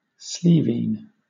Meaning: A dishonest person; a trickster, usually from a rural area
- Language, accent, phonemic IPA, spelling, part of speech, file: English, Southern England, /ˈsliːviːn/, sleiveen, noun, LL-Q1860 (eng)-sleiveen.wav